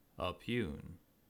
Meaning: To contradict or controvert; to oppose; to challenge or question the truth or validity of a given statement
- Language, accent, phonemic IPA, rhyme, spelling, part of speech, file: English, US, /əˈpjuːn/, -uːn, oppugn, verb, En-us-oppugn.ogg